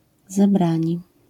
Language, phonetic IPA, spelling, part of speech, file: Polish, [zɛˈbrãɲi], zebrani, verb / noun, LL-Q809 (pol)-zebrani.wav